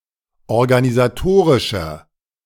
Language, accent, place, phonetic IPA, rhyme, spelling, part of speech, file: German, Germany, Berlin, [ɔʁɡanizaˈtoːʁɪʃɐ], -oːʁɪʃɐ, organisatorischer, adjective, De-organisatorischer.ogg
- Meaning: inflection of organisatorisch: 1. strong/mixed nominative masculine singular 2. strong genitive/dative feminine singular 3. strong genitive plural